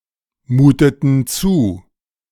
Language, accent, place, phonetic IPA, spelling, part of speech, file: German, Germany, Berlin, [ˌmuːtətn̩ ˈt͡suː], muteten zu, verb, De-muteten zu.ogg
- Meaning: inflection of zumuten: 1. first/third-person plural preterite 2. first/third-person plural subjunctive II